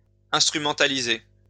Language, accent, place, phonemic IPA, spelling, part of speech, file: French, France, Lyon, /ɛ̃s.tʁy.mɑ̃.ta.li.ze/, instrumentaliser, verb, LL-Q150 (fra)-instrumentaliser.wav
- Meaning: to instrumentalize, to exploit, to use (for selfish gains)